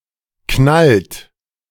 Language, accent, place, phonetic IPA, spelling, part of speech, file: German, Germany, Berlin, [ˌknalt ˈap], knallt ab, verb, De-knallt ab.ogg
- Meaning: inflection of abknallen: 1. second-person plural present 2. third-person singular present 3. plural imperative